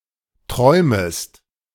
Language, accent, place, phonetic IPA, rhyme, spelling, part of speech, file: German, Germany, Berlin, [ˈtʁɔɪ̯məst], -ɔɪ̯məst, träumest, verb, De-träumest.ogg
- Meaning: second-person singular subjunctive I of träumen